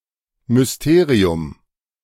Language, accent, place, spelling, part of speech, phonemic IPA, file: German, Germany, Berlin, Mysterium, noun, /mʏsˈteːʁiʊ̯m/, De-Mysterium.ogg
- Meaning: mystery, enigma